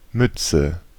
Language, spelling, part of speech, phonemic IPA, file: German, Mütze, noun, /ˈmʏt͡sə/, De-Mütze.ogg
- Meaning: 1. cap 2. bonnet, reticulum, the second compartment of the stomach of a ruminant